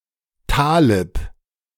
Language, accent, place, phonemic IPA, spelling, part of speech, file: German, Germany, Berlin, /taːlɪp/, Talib, noun, De-Talib.ogg
- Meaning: Taliban (member of the Taliban movement or its militia)